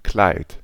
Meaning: 1. dress, gown (kind of woman's garment) 2. garment 3. clothes 4. pelt, plumage
- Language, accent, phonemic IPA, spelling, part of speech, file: German, Germany, /klaɪ̯t/, Kleid, noun, De-Kleid.ogg